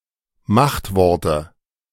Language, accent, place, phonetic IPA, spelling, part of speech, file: German, Germany, Berlin, [ˈmaxtˌvɔʁtə], Machtworte, noun, De-Machtworte.ogg
- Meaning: nominative/accusative/genitive plural of Machtwort